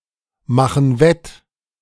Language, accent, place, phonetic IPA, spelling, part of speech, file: German, Germany, Berlin, [ˌmaxn̩ ˈvɛt], machen wett, verb, De-machen wett.ogg
- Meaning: inflection of wettmachen: 1. first/third-person plural present 2. first/third-person plural subjunctive I